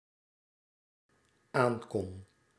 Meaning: singular dependent-clause past indicative of aankunnen
- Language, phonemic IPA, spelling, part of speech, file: Dutch, /ˈaŋkɔn/, aankon, verb, Nl-aankon.ogg